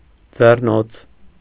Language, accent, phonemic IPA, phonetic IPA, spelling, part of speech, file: Armenian, Eastern Armenian, /d͡zerˈnot͡sʰ/, [d͡zernót͡sʰ], ձեռնոց, noun, Hy-ձեռնոց.ogg
- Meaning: glove